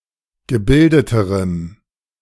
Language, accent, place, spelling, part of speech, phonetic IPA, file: German, Germany, Berlin, gebildeterem, adjective, [ɡəˈbɪldətəʁəm], De-gebildeterem.ogg
- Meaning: strong dative masculine/neuter singular comparative degree of gebildet